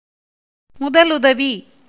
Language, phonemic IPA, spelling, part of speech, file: Tamil, /mʊd̪ɐlʊd̪ɐʋiː/, முதலுதவி, noun, Ta-முதலுதவி.ogg
- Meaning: first aid (basic medical care that is administered to a victim of an injury, usually where the injury is slight or where better care is unavailable)